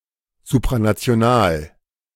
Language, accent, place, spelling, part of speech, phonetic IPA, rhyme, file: German, Germany, Berlin, supranational, adjective, [zupʁanat͡si̯oˈnaːl], -aːl, De-supranational.ogg
- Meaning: supranational